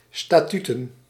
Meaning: plural of statuut
- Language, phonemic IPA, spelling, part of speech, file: Dutch, /staˈtytə(n)/, statuten, noun, Nl-statuten.ogg